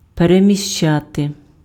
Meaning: to move, to relocate, to displace, to transfer, to shift (change the location of)
- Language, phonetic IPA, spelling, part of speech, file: Ukrainian, [peremʲiʃˈt͡ʃate], переміщати, verb, Uk-переміщати.ogg